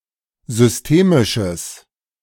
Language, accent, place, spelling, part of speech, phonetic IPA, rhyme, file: German, Germany, Berlin, systemisches, adjective, [zʏsˈteːmɪʃəs], -eːmɪʃəs, De-systemisches.ogg
- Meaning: strong/mixed nominative/accusative neuter singular of systemisch